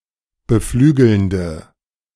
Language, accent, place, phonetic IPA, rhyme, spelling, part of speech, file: German, Germany, Berlin, [bəˈflyːɡl̩ndə], -yːɡl̩ndə, beflügelnde, adjective, De-beflügelnde.ogg
- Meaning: inflection of beflügelnd: 1. strong/mixed nominative/accusative feminine singular 2. strong nominative/accusative plural 3. weak nominative all-gender singular